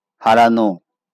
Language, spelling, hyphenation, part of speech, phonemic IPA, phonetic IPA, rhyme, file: Bengali, হারানো, হা‧রা‧নো, verb / adjective, /ha.ra.no/, [ˈha.raˌno], -ano, LL-Q9610 (ben)-হারানো.wav
- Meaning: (verb) 1. to defeat, to beat 2. to lose, to misplace; to miss; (adjective) lost, missing